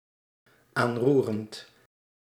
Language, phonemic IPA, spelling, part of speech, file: Dutch, /ˈanrurənt/, aanroerend, verb, Nl-aanroerend.ogg
- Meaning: present participle of aanroeren